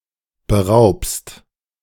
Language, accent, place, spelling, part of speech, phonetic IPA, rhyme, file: German, Germany, Berlin, beraubst, verb, [bəˈʁaʊ̯pst], -aʊ̯pst, De-beraubst.ogg
- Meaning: second-person singular present of berauben